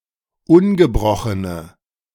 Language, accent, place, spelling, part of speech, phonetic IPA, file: German, Germany, Berlin, ungebrochene, adjective, [ˈʊnɡəˌbʁɔxənə], De-ungebrochene.ogg
- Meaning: inflection of ungebrochen: 1. strong/mixed nominative/accusative feminine singular 2. strong nominative/accusative plural 3. weak nominative all-gender singular